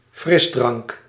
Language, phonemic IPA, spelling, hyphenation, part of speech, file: Dutch, /ˈfrɪzdrɑŋk/, frisdrank, fris‧drank, noun, Nl-frisdrank.ogg
- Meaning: a soda, soft drink